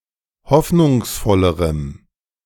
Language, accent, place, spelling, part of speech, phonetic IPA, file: German, Germany, Berlin, hoffnungsvollerem, adjective, [ˈhɔfnʊŋsˌfɔləʁəm], De-hoffnungsvollerem.ogg
- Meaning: strong dative masculine/neuter singular comparative degree of hoffnungsvoll